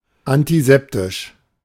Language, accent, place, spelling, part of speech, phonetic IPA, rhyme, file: German, Germany, Berlin, antiseptisch, adjective, [antiˈzɛptɪʃ], -ɛptɪʃ, De-antiseptisch.ogg
- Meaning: antiseptic